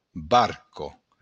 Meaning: dinghy, boat
- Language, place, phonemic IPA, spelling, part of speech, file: Occitan, Béarn, /ˈbar.kɒ/, barca, noun, LL-Q14185 (oci)-barca.wav